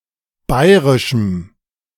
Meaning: strong dative masculine/neuter singular of bayrisch
- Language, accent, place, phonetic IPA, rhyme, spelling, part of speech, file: German, Germany, Berlin, [ˈbaɪ̯ʁɪʃm̩], -aɪ̯ʁɪʃm̩, bayrischem, adjective, De-bayrischem.ogg